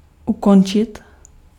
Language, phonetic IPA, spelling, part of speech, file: Czech, [ˈukont͡ʃɪt], ukončit, verb, Cs-ukončit.ogg
- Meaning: to stop, to terminate (to bring to an end) (emphasizes the process of ending, less abrupt than skončit)